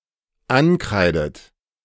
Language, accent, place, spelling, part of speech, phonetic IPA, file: German, Germany, Berlin, ankreidet, verb, [ˈanˌkʁaɪ̯dət], De-ankreidet.ogg
- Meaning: inflection of ankreiden: 1. third-person singular dependent present 2. second-person plural dependent present 3. second-person plural dependent subjunctive I